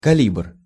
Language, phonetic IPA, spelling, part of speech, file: Russian, [kɐˈlʲibr], калибр, noun, Ru-калибр.ogg
- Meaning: 1. calibre (diameter of the bore of a firearm) 2. go/no go gauge, plug gauge (tool)